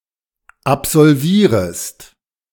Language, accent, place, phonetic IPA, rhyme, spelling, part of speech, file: German, Germany, Berlin, [apzɔlˈviːʁəst], -iːʁəst, absolvierest, verb, De-absolvierest.ogg
- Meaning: second-person singular subjunctive I of absolvieren